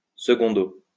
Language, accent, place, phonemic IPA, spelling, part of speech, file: French, France, Lyon, /sə.ɡɔ̃.do/, secundo, adverb, LL-Q150 (fra)-secundo.wav
- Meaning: secondly